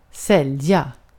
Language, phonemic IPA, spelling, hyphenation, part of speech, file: Swedish, /ˈsɛlːˌja/, sälja, säl‧ja, verb, Sv-sälja.ogg
- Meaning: to sell